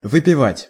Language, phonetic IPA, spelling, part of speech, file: Russian, [vɨpʲɪˈvatʲ], выпивать, verb, Ru-выпивать.ogg
- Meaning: 1. to drink up 2. to drink, to hit the bottle